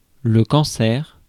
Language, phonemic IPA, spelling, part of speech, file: French, /kɑ̃.sɛʁ/, cancer, noun, Fr-cancer.ogg
- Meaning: cancer